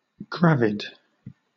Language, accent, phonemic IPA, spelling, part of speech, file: English, Southern England, /ˈɡɹævɪd/, gravid, adjective, LL-Q1860 (eng)-gravid.wav
- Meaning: Pregnant